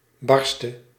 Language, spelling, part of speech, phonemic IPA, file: Dutch, barste, adjective / verb, /ˈbɑrstə/, Nl-barste.ogg
- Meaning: singular present subjunctive of barsten